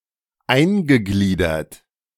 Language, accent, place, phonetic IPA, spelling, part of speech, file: German, Germany, Berlin, [ˈaɪ̯nɡəˌɡliːdɐt], eingegliedert, verb, De-eingegliedert.ogg
- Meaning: past participle of eingliedern